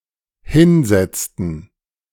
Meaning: inflection of hinsetzen: 1. first/third-person plural dependent preterite 2. first/third-person plural dependent subjunctive II
- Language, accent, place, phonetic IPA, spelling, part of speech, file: German, Germany, Berlin, [ˈhɪnˌzɛt͡stn̩], hinsetzten, verb, De-hinsetzten.ogg